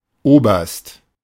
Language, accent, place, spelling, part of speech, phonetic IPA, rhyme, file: German, Germany, Berlin, Oberst, noun, [ˈoːbɐst], -oːbɐst, De-Oberst.ogg
- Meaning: colonel